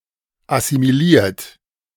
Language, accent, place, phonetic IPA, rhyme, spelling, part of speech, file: German, Germany, Berlin, [asimiˈliːɐ̯t], -iːɐ̯t, assimiliert, adjective / verb, De-assimiliert.ogg
- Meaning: 1. past participle of assimilieren 2. inflection of assimilieren: third-person singular present 3. inflection of assimilieren: second-person plural present